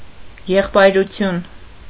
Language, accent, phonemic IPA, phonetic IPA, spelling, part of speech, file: Armenian, Eastern Armenian, /jeχpɑjɾuˈtʰjun/, [jeχpɑjɾut͡sʰjún], եղբայրություն, noun, Hy-եղբայրություն.ogg
- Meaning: brotherhood, fraternity, fellowship